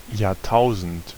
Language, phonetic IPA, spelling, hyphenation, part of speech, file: German, [jaːɐˈtʰaʊ̯zn̩t], Jahrtausend, Jahr‧tau‧send, noun, De-Jahrtausend.ogg
- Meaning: millennium